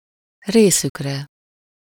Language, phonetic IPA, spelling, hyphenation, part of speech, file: Hungarian, [ˈreːsykrɛ], részükre, ré‧szük‧re, pronoun, Hu-részükre.ogg
- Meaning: third-person plural of részére